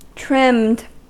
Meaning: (verb) simple past and past participle of trim; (adjective) 1. that has been trimmed 2. furnished with trimmings
- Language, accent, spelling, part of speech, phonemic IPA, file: English, US, trimmed, verb / adjective, /tɹɪmd/, En-us-trimmed.ogg